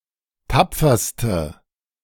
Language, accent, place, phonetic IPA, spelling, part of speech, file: German, Germany, Berlin, [ˈtap͡fɐstə], tapferste, adjective, De-tapferste.ogg
- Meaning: inflection of tapfer: 1. strong/mixed nominative/accusative feminine singular superlative degree 2. strong nominative/accusative plural superlative degree